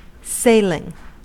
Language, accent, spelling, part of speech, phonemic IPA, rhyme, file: English, US, sailing, verb / adjective / noun, /ˈseɪ.lɪŋ/, -eɪlɪŋ, En-us-sailing.ogg
- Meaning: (verb) present participle and gerund of sail; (adjective) Travelling by ship; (noun) Motion across a body of water in a craft powered by the wind, as a sport or otherwise